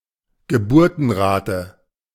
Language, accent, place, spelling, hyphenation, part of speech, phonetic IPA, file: German, Germany, Berlin, Geburtenrate, Ge‧bur‧ten‧ra‧te, noun, [ɡəˈbuːɐ̯tn̩ˌʁaːtə], De-Geburtenrate.ogg
- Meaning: birthrate